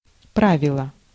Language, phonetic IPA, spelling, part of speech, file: Russian, [ˈpravʲɪɫə], правило, noun, Ru-правило.ogg
- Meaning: 1. rule 2. rule, regulations, law, canon 3. rule, method, algorithm 4. rule, principle, habit